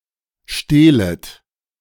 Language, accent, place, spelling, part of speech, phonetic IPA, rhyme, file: German, Germany, Berlin, stehlet, verb, [ˈʃteːlət], -eːlət, De-stehlet.ogg
- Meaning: second-person plural subjunctive I of stehlen